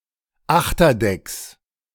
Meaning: plural of Achterdeck
- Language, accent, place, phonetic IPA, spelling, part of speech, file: German, Germany, Berlin, [ˈaxtɐˌdɛks], Achterdecks, noun, De-Achterdecks.ogg